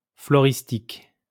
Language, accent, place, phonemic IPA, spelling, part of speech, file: French, France, Lyon, /flɔ.ʁis.tik/, floristique, adjective, LL-Q150 (fra)-floristique.wav
- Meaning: flora (of a region); floral, floristic